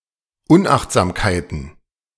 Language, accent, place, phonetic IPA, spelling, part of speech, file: German, Germany, Berlin, [ˈʊnʔaxtzaːmkaɪ̯tn̩], Unachtsamkeiten, noun, De-Unachtsamkeiten.ogg
- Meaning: plural of Unachtsamkeit